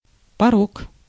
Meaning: 1. vice (bad or undesirable habit) 2. flaw, defect, blemish 3. mangonel, catapult
- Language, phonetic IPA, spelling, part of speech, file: Russian, [pɐˈrok], порок, noun, Ru-порок.ogg